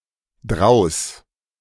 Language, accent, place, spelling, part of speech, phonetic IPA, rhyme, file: German, Germany, Berlin, draus, adverb, [dʁaʊ̯s], -aʊ̯s, De-draus.ogg
- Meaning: alternative form of daraus